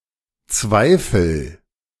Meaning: inflection of zweifeln: 1. first-person singular present 2. singular imperative
- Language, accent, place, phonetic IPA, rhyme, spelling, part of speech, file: German, Germany, Berlin, [ˈt͡svaɪ̯fl̩], -aɪ̯fl̩, zweifel, verb, De-zweifel.ogg